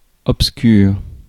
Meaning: obscure (dark, faint or indistinct)
- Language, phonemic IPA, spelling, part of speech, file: French, /ɔp.skyʁ/, obscur, adjective, Fr-obscur.ogg